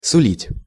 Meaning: 1. to promise 2. to foreshadow, to portend, to bode 3. to predict, to prophesy
- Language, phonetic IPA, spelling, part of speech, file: Russian, [sʊˈlʲitʲ], сулить, verb, Ru-сулить.ogg